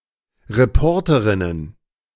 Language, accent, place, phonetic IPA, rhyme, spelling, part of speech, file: German, Germany, Berlin, [ʁeˈpɔʁtəʁɪnən], -ɔʁtəʁɪnən, Reporterinnen, noun, De-Reporterinnen.ogg
- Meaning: plural of Reporterin